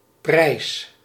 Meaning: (noun) 1. price, fare, charge 2. price, price tag, price ticket 3. prize, award, trophy 4. reward, prize 5. praise, act of praising
- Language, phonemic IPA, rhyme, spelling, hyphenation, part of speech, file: Dutch, /prɛi̯s/, -ɛi̯s, prijs, prijs, noun / verb, Nl-prijs.ogg